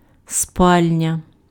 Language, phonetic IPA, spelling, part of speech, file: Ukrainian, [ˈspalʲnʲɐ], спальня, noun, Uk-спальня.ogg
- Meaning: 1. bedroom 2. suite of furniture for a bedroom 3. dormitory (room)